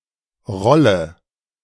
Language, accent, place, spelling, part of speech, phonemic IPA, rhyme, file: German, Germany, Berlin, Rolle, noun / proper noun, /ˈʁɔlə/, -ɔlə, De-Rolle.ogg
- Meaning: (noun) 1. roll, reel, spool 2. roll, tube 3. a relatively small wheel on which something is rolled (as on a wheelie bin) 4. role, part 5. roller, castor, pulley 6. roll 7. mangle, wringer